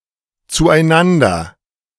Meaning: 1. together 2. to each other, to one another
- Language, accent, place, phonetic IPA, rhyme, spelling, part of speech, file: German, Germany, Berlin, [t͡suʔaɪ̯ˈnandɐ], -andɐ, zueinander, adverb, De-zueinander.ogg